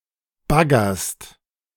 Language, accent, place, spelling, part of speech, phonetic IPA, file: German, Germany, Berlin, baggerst, verb, [ˈbaɡɐst], De-baggerst.ogg
- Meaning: second-person singular present of baggern